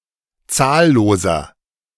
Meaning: inflection of zahllos: 1. strong/mixed nominative masculine singular 2. strong genitive/dative feminine singular 3. strong genitive plural
- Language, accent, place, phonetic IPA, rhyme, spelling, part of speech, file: German, Germany, Berlin, [ˈt͡saːlloːzɐ], -aːlloːzɐ, zahlloser, adjective, De-zahlloser.ogg